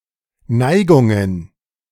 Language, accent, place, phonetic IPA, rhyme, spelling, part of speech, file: German, Germany, Berlin, [ˈnaɪ̯ɡʊŋən], -aɪ̯ɡʊŋən, Neigungen, noun, De-Neigungen.ogg
- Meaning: plural of Neigung